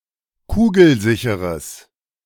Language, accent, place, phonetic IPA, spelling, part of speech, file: German, Germany, Berlin, [ˈkuːɡl̩ˌzɪçəʁəs], kugelsicheres, adjective, De-kugelsicheres.ogg
- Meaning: strong/mixed nominative/accusative neuter singular of kugelsicher